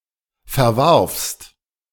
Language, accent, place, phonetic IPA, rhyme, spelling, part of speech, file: German, Germany, Berlin, [fɛɐ̯ˈvaʁfst], -aʁfst, verwarfst, verb, De-verwarfst.ogg
- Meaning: second-person singular preterite of verwerfen